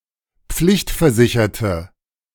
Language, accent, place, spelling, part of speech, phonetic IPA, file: German, Germany, Berlin, pflichtversicherte, adjective, [ˈp͡flɪçtfɛɐ̯ˌzɪçɐtə], De-pflichtversicherte.ogg
- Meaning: inflection of pflichtversichert: 1. strong/mixed nominative/accusative feminine singular 2. strong nominative/accusative plural 3. weak nominative all-gender singular